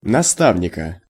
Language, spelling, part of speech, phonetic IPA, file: Russian, наставника, noun, [nɐˈstavnʲɪkə], Ru-наставника.ogg
- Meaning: genitive/accusative singular of наста́вник (nastávnik)